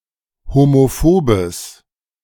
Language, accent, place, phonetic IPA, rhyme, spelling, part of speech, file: German, Germany, Berlin, [homoˈfoːbəs], -oːbəs, homophobes, adjective, De-homophobes.ogg
- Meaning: strong/mixed nominative/accusative neuter singular of homophob